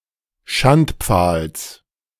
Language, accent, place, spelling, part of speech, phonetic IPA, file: German, Germany, Berlin, Schandpfahls, noun, [ˈʃantˌp͡faːls], De-Schandpfahls.ogg
- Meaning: genitive singular of Schandpfahl